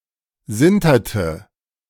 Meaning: inflection of sintern: 1. first/third-person singular preterite 2. first/third-person singular subjunctive II
- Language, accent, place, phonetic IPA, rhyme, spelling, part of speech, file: German, Germany, Berlin, [ˈzɪntɐtə], -ɪntɐtə, sinterte, verb, De-sinterte.ogg